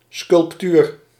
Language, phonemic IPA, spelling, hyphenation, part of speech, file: Dutch, /skʏlᵊpˈtyr/, sculptuur, sculp‧tuur, noun, Nl-sculptuur.ogg
- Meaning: sculpture